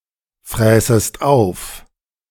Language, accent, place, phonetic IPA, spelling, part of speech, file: German, Germany, Berlin, [ˌfʁɛːsəst ˈaʊ̯f], fräßest auf, verb, De-fräßest auf.ogg
- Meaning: second-person singular subjunctive II of auffressen